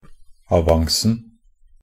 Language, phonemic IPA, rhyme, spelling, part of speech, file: Norwegian Bokmål, /aˈʋaŋsn̩/, -aŋsn̩, avancen, noun, Nb-avancen.ogg
- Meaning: definite singular of avance